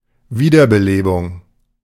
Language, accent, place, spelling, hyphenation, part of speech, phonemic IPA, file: German, Germany, Berlin, Wiederbelebung, Wie‧der‧be‧le‧bung, noun, /ˈviːdɐbəˌleːbʊŋ/, De-Wiederbelebung.ogg
- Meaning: 1. reanimation 2. revival